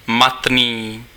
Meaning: matte
- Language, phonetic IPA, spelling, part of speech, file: Czech, [ˈmatniː], matný, adjective, Cs-matný.ogg